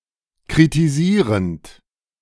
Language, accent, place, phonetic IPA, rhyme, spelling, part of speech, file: German, Germany, Berlin, [kʁitiˈziːʁənt], -iːʁənt, kritisierend, verb, De-kritisierend.ogg
- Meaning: present participle of kritisieren